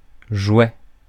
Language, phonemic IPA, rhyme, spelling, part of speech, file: French, /ʒwɛ/, -wɛ, jouet, noun, Fr-jouet.ogg
- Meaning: toy; plaything